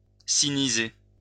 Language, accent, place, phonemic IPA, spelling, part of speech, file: French, France, Lyon, /si.ni.ze/, siniser, verb, LL-Q150 (fra)-siniser.wav
- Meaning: to sinicize